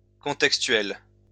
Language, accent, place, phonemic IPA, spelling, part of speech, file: French, France, Lyon, /kɔ̃.tɛk.stɥɛl/, contextuel, adjective, LL-Q150 (fra)-contextuel.wav
- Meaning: context; contextual